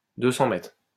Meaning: 200 metres
- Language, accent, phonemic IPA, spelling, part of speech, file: French, France, /dø.sɑ̃ mɛtʁ/, 200 mètres, noun, LL-Q150 (fra)-200 mètres.wav